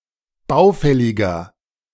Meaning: 1. comparative degree of baufällig 2. inflection of baufällig: strong/mixed nominative masculine singular 3. inflection of baufällig: strong genitive/dative feminine singular
- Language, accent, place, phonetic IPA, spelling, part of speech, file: German, Germany, Berlin, [ˈbaʊ̯ˌfɛlɪɡɐ], baufälliger, adjective, De-baufälliger.ogg